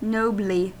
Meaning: In a noble manner
- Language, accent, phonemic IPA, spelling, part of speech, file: English, US, /ˈnoʊbli/, nobly, adverb, En-us-nobly.ogg